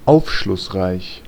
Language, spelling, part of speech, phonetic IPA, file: German, aufschlussreich, adjective, [ˈaʊ̯fʃlʊsˌʁaɪ̯ç], De-aufschlussreich.ogg
- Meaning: instructive, insightful, informative, revealing, telling